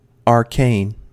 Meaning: 1. Understood by only a few 2. Obscure, mysterious 3. Requiring secret or mysterious knowledge to understand 4. Extremely old (e.g. interpretation or knowledge), and possibly irrelevant
- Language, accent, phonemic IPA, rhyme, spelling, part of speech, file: English, US, /ɑɹˈkeɪn/, -eɪn, arcane, adjective, En-us-arcane.ogg